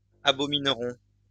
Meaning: third-person plural simple future of abominer
- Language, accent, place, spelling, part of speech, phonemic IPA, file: French, France, Lyon, abomineront, verb, /a.bɔ.min.ʁɔ̃/, LL-Q150 (fra)-abomineront.wav